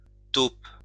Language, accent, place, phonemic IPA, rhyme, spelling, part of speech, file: French, France, Lyon, /top/, -op, taupe, noun / adjective, LL-Q150 (fra)-taupe.wav
- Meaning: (noun) 1. mole (burrowing mammal) 2. (espionage) mole (undercover agent) 3. tunneler 4. higher mathematics class; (adjective) taupe